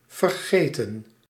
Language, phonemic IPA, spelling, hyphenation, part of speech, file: Dutch, /vərˈɣeːtə(n)/, vergeten, ver‧ge‧ten, verb, Nl-vergeten.ogg
- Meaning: 1. to forget (lose remembrance of) 2. to forget (fail to do) 3. to leave (fail to take) 4. past participle of vergeten